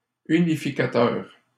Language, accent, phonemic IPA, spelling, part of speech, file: French, Canada, /y.ni.fi.ka.tœʁ/, unificateur, noun / adjective, LL-Q150 (fra)-unificateur.wav
- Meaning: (noun) unifier (person who unifies); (adjective) unifying (causing reunification)